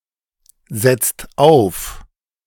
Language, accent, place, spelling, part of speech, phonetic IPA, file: German, Germany, Berlin, setzt auf, verb, [ˌzɛt͡st ˈaʊ̯f], De-setzt auf.ogg
- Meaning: inflection of aufsetzen: 1. second-person singular/plural present 2. third-person singular present 3. plural imperative